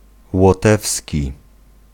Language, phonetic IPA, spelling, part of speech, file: Polish, [wɔˈtɛfsʲci], łotewski, adjective / noun, Pl-łotewski.ogg